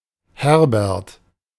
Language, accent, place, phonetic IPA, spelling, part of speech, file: German, Germany, Berlin, [ˈhɛʁbɛʁt], Herbert, proper noun, De-Herbert.ogg
- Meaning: a male given name from Old High German, equivalent to English Herbert